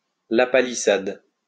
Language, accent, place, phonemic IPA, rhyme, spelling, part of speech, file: French, France, Lyon, /la.pa.li.sad/, -ad, lapalissade, noun, LL-Q150 (fra)-lapalissade.wav
- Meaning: lapalissade, truism, tautology